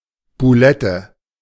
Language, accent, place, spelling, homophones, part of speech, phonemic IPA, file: German, Germany, Berlin, Bulette, Bullette, noun, /bʊˈlɛtə/, De-Bulette.ogg
- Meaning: a meatball